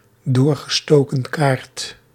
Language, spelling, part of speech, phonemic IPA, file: Dutch, doorgestoken kaart, noun, /ˌdoːr.ɣə.stoː.kə(n)ˈkaːrt/, Nl-doorgestoken kaart.ogg
- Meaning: Collusion, a put-up job, a stitch-up